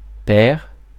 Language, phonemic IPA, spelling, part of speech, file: French, /pɛʁ/, pair, adjective / noun, Fr-pair.ogg
- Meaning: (adjective) 1. even (divisible by two) 2. even; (noun) a peer, high nobleman/vassal (as in peer of the realm)